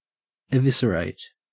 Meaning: 1. To disembowel; to remove the viscera 2. To destroy or make ineffectual or meaningless 3. To elicit the essence of 4. To remove a bodily organ or its contents
- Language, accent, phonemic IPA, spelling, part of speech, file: English, Australia, /ɪˈvɪsəˌɹeɪt/, eviscerate, verb, En-au-eviscerate.ogg